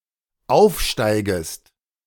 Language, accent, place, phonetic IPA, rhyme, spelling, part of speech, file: German, Germany, Berlin, [ˈaʊ̯fˌʃtaɪ̯ɡəst], -aʊ̯fʃtaɪ̯ɡəst, aufsteigest, verb, De-aufsteigest.ogg
- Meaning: second-person singular dependent subjunctive I of aufsteigen